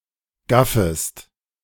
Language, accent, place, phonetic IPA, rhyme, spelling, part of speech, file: German, Germany, Berlin, [ˈɡafəst], -afəst, gaffest, verb, De-gaffest.ogg
- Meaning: second-person singular subjunctive I of gaffen